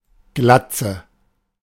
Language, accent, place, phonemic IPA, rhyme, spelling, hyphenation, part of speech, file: German, Germany, Berlin, /ˈɡlat͡sə/, -atsə, Glatze, Glat‧ze, noun, De-Glatze.ogg
- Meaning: 1. baldness, bald head 2. skinhead